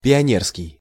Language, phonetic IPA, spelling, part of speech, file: Russian, [pʲɪɐˈnʲerskʲɪj], пионерский, adjective, Ru-пионерский.ogg
- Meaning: pioneer